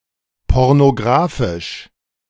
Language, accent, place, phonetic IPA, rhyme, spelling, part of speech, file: German, Germany, Berlin, [ˌpɔʁnoˈɡʁaːfɪʃ], -aːfɪʃ, pornografisch, adjective, De-pornografisch.ogg
- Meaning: pornographic